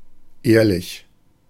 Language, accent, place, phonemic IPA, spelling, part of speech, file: German, Germany, Berlin, /ˈeːrlɪç/, ehrlich, adjective, De-ehrlich.ogg
- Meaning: 1. decent, honorable, honest 2. honest, truthful, true